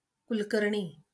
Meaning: a surname, equivalent to English Kulkarni
- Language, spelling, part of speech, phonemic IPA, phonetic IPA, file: Marathi, कुलकर्णी, proper noun, /kul.kəɾ.ɳi/, [kul.kəɾ.ɳiː], LL-Q1571 (mar)-कुलकर्णी.wav